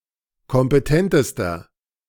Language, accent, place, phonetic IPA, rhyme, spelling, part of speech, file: German, Germany, Berlin, [kɔmpəˈtɛntəstɐ], -ɛntəstɐ, kompetentester, adjective, De-kompetentester.ogg
- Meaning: inflection of kompetent: 1. strong/mixed nominative masculine singular superlative degree 2. strong genitive/dative feminine singular superlative degree 3. strong genitive plural superlative degree